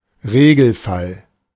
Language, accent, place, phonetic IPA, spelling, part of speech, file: German, Germany, Berlin, [ˈʁeːɡl̩ˌfal], Regelfall, noun, De-Regelfall.ogg
- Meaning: 1. rule 2. normality